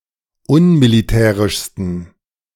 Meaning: 1. superlative degree of unmilitärisch 2. inflection of unmilitärisch: strong genitive masculine/neuter singular superlative degree
- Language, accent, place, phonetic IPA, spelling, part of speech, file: German, Germany, Berlin, [ˈʊnmiliˌtɛːʁɪʃstn̩], unmilitärischsten, adjective, De-unmilitärischsten.ogg